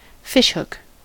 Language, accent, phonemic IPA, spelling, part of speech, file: English, US, /ˈfɪʃˌhʊk/, fishhook, noun / verb, En-us-fishhook.ogg
- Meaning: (noun) 1. A barbed hook, usually metal, used for fishing 2. A jack (type of playing card); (verb) 1. To impale with a fishhook 2. To bend back on itself like a fishhook